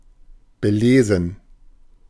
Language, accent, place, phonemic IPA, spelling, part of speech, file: German, Germany, Berlin, /bəˈleːzn̩/, belesen, adjective, De-belesen.ogg
- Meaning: well-read